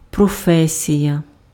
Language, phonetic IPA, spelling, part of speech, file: Ukrainian, [prɔˈfɛsʲijɐ], професія, noun, Uk-професія.ogg
- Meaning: profession (occupation, trade, craft, or activity in which one has a professed expertise in a particular area)